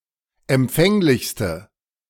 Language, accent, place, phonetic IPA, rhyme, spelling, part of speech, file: German, Germany, Berlin, [ɛmˈp͡fɛŋlɪçstə], -ɛŋlɪçstə, empfänglichste, adjective, De-empfänglichste.ogg
- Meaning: inflection of empfänglich: 1. strong/mixed nominative/accusative feminine singular superlative degree 2. strong nominative/accusative plural superlative degree